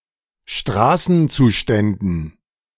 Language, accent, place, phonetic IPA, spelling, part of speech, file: German, Germany, Berlin, [ˈʃtʁaːsn̩ˌt͡suːʃtɛndn̩], Straßenzuständen, noun, De-Straßenzuständen.ogg
- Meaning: dative plural of Straßenzustand